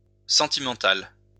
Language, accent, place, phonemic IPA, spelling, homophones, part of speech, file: French, France, Lyon, /sɑ̃.ti.mɑ̃.tal/, sentimentale, sentimental / sentimentales, adjective, LL-Q150 (fra)-sentimentale.wav
- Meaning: feminine singular of sentimental